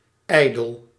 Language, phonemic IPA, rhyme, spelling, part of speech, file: Dutch, /ˈɛi̯.dəl/, -ɛi̯dəl, ijdel, adjective, Nl-ijdel.ogg
- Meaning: 1. vain, overly proud (of one's appearance, status etc.) 2. idle, in vain, unfounded 3. petty, mere, insignificant, worthless